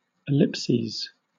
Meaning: plural of ellipsis
- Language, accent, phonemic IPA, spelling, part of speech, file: English, Southern England, /ɪˈlɪpsiːz/, ellipses, noun, LL-Q1860 (eng)-ellipses.wav